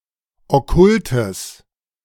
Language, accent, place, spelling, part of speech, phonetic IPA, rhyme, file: German, Germany, Berlin, okkultes, adjective, [ɔˈkʊltəs], -ʊltəs, De-okkultes.ogg
- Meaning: strong/mixed nominative/accusative neuter singular of okkult